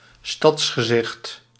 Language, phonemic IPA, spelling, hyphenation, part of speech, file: Dutch, /ˈstɑts.xəˌzɪxt/, stadsgezicht, stads‧ge‧zicht, noun, Nl-stadsgezicht.ogg
- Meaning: city view, cityscape